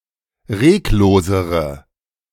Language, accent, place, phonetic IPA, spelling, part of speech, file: German, Germany, Berlin, [ˈʁeːkˌloːzəʁə], reglosere, adjective, De-reglosere.ogg
- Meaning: inflection of reglos: 1. strong/mixed nominative/accusative feminine singular comparative degree 2. strong nominative/accusative plural comparative degree